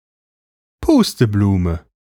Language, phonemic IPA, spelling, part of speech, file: German, /ˈpuːstəˌbluːmə/, Pusteblume, noun, De-Pusteblume.ogg
- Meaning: 1. a blowball, dandelion clock (seedhead of dandelion) 2. dandelion (plant)